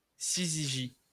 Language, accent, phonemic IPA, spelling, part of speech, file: French, France, /si.zi.ʒi/, syzygie, noun, LL-Q150 (fra)-syzygie.wav
- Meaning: syzygy